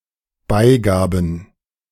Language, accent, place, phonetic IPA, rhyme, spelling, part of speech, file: German, Germany, Berlin, [ˈbaɪ̯ˌɡaːbn̩], -aɪ̯ɡaːbn̩, Beigaben, noun, De-Beigaben.ogg
- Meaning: plural of Beigabe